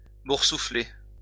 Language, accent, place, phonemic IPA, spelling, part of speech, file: French, France, Lyon, /buʁ.su.fle/, boursoufler, verb, LL-Q150 (fra)-boursoufler.wav
- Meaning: 1. to swell, inflate 2. to become swollen or bloated; to blister